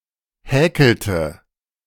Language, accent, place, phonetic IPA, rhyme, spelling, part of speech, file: German, Germany, Berlin, [ˈhɛːkl̩tə], -ɛːkl̩tə, häkelte, verb, De-häkelte.ogg
- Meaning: inflection of häkeln: 1. first/third-person singular preterite 2. first/third-person singular subjunctive II